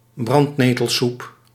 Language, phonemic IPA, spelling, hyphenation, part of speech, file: Dutch, /ˈbrɑnt.neː.təlˌsup/, brandnetelsoep, brand‧ne‧tel‧soep, noun, Nl-brandnetelsoep.ogg
- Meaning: nettle soup (soup made from stinging nettles)